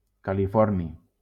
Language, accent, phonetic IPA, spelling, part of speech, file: Catalan, Valencia, [ka.liˈfɔɾ.ni], californi, noun, LL-Q7026 (cat)-californi.wav
- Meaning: californium